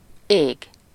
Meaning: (noun) 1. sky (the part of the atmosphere which can be seen above a specific place) 2. heaven (the abode of God and of the blessed dead)
- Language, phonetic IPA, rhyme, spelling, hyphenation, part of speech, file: Hungarian, [ˈeːɡ], -eːɡ, ég, ég, noun / verb, Hu-ég.ogg